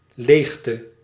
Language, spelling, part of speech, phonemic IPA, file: Dutch, leegte, noun, /ˈlextə/, Nl-leegte.ogg
- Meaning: emptiness